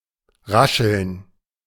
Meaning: 1. to rustle (make a rustling sound) 2. to rustle something (handle it such that it rustles)
- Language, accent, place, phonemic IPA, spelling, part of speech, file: German, Germany, Berlin, /ˈʁaʃəln/, rascheln, verb, De-rascheln.ogg